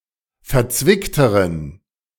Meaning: inflection of verzwickt: 1. strong genitive masculine/neuter singular comparative degree 2. weak/mixed genitive/dative all-gender singular comparative degree
- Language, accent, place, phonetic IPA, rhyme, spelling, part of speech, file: German, Germany, Berlin, [fɛɐ̯ˈt͡svɪktəʁən], -ɪktəʁən, verzwickteren, adjective, De-verzwickteren.ogg